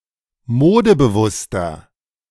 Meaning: 1. comparative degree of modebewusst 2. inflection of modebewusst: strong/mixed nominative masculine singular 3. inflection of modebewusst: strong genitive/dative feminine singular
- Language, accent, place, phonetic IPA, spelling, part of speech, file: German, Germany, Berlin, [ˈmoːdəbəˌvʊstɐ], modebewusster, adjective, De-modebewusster.ogg